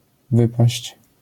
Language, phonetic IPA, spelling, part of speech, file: Polish, [ˈvɨpaɕt͡ɕ], wypaść, verb, LL-Q809 (pol)-wypaść.wav